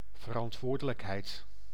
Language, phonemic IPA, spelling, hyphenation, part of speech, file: Dutch, /vərɑntˈʋoːrdələkɦɛi̯t/, verantwoordelijkheid, ver‧ant‧woor‧de‧lijk‧heid, noun, Nl-verantwoordelijkheid.ogg
- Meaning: 1. responsibility 2. accountability